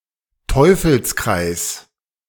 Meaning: vicious circle, vicious cycle
- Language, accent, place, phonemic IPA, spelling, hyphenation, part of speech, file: German, Germany, Berlin, /ˈtɔʏ̯fl̩sˌkʁaɪ̯s/, Teufelskreis, Teu‧fels‧kreis, noun, De-Teufelskreis.ogg